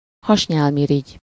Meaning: pancreas (gland near the stomach which secretes a fluid into the duodenum to help with food digestion)
- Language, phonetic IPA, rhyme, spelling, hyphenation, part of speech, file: Hungarian, [ˈhɒʃɲaːlmiriɟ], -iɟ, hasnyálmirigy, has‧nyál‧mi‧rigy, noun, Hu-hasnyálmirigy.ogg